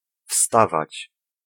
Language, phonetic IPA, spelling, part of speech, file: Polish, [ˈfstavat͡ɕ], wstawać, verb, Pl-wstawać.ogg